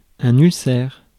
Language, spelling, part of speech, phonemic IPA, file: French, ulcère, noun, /yl.sɛʁ/, Fr-ulcère.ogg
- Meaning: ulcer (an open sore)